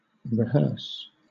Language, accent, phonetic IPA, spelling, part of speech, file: English, Southern England, [ɹɪˈhɜːs], rehearse, verb, LL-Q1860 (eng)-rehearse.wav
- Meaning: 1. To repeat, as what has been already said; to tell over again; to recite 2. To narrate; to relate; to tell; to recount